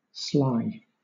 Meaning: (adjective) 1. Artfully cunning; secretly mischievous; wily 2. Dexterous in performing an action, so as to escape notice 3. Done with, and marked by, artful and dexterous secrecy; subtle
- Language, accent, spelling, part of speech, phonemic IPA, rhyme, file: English, Southern England, sly, adjective / adverb, /slaɪ/, -aɪ, LL-Q1860 (eng)-sly.wav